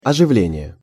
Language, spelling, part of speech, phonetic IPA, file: Russian, оживление, noun, [ɐʐɨˈvlʲenʲɪje], Ru-оживление.ogg
- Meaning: 1. revival, reanimation 2. liveliness